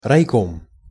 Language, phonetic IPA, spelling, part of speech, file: Russian, [rɐjˈkom], райком, noun, Ru-райком.ogg
- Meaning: district committee